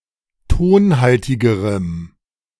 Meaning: strong dative masculine/neuter singular comparative degree of tonhaltig
- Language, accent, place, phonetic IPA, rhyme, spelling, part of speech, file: German, Germany, Berlin, [ˈtoːnˌhaltɪɡəʁəm], -oːnhaltɪɡəʁəm, tonhaltigerem, adjective, De-tonhaltigerem.ogg